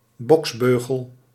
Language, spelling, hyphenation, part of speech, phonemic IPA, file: Dutch, boksbeugel, boks‧beu‧gel, noun, /ˈbɔksˌbøː.ɣəl/, Nl-boksbeugel.ogg
- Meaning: a knuckle duster, brass knuckles